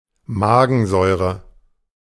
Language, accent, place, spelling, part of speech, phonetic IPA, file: German, Germany, Berlin, Magensäure, noun, [ˈmaːɡənˌzɔɪ̯ʁə], De-Magensäure.ogg
- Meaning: gastric acid (stomach acid)